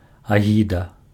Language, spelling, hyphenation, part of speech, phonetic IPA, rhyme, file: Belarusian, агіда, агі‧да, noun, [aˈɣʲida], -ida, Be-агіда.ogg
- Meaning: 1. disgust (a very unpleasant feeling caused by someone or something) 2. scoundrel